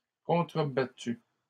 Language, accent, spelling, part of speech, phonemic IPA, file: French, Canada, contrebattues, verb, /kɔ̃.tʁə.ba.ty/, LL-Q150 (fra)-contrebattues.wav
- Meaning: feminine plural of contrebattu